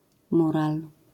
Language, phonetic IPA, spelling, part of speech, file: Polish, [ˈmural], mural, noun, LL-Q809 (pol)-mural.wav